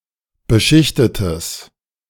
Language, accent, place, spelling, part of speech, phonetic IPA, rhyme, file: German, Germany, Berlin, beschichtetes, adjective, [bəˈʃɪçtətəs], -ɪçtətəs, De-beschichtetes.ogg
- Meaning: strong/mixed nominative/accusative neuter singular of beschichtet